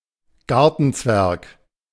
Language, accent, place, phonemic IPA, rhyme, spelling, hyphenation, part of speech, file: German, Germany, Berlin, /ˈɡaʁtn̩ˌt͡svɛʁk/, -ɛʁk, Gartenzwerg, Gar‧ten‧zwerg, noun, De-Gartenzwerg.ogg
- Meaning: garden gnome